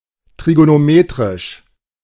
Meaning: trigonometric
- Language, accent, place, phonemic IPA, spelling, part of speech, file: German, Germany, Berlin, /tʁiɡonoˈmeːtʁɪʃ/, trigonometrisch, adjective, De-trigonometrisch.ogg